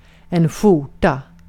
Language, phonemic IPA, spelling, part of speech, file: Swedish, /²ɧuːrta/, skjorta, noun, Sv-skjorta.ogg
- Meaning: a shirt (dress shirt – compare tröja)